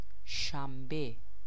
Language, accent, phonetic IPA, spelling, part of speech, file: Persian, Iran, [ʃæm.bé], شنبه, noun, Fa-شنبه.ogg
- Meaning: Saturday